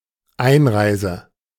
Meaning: entry (into a country)
- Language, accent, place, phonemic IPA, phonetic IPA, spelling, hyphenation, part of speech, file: German, Germany, Berlin, /ˈaɪ̯nˌʁaɪ̯sɛ/, [ˈaɪ̯nˌʀaɪ̯zə], Einreise, Ein‧rei‧se, noun, De-Einreise.ogg